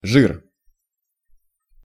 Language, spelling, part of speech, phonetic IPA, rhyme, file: Russian, жир, noun, [ʐɨr], -ɨr, Ru-жир.ogg
- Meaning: 1. fat or oil from the body of an animal 2. grease